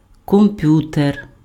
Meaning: computer (a programmable device)
- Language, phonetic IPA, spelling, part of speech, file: Ukrainian, [kɔmˈpjuter], комп'ютер, noun, Uk-комп'ютер.ogg